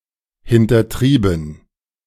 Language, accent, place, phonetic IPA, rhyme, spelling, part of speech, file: German, Germany, Berlin, [hɪntɐˈtʁiːbn̩], -iːbn̩, hintertrieben, verb, De-hintertrieben.ogg
- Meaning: past participle of hintertreiben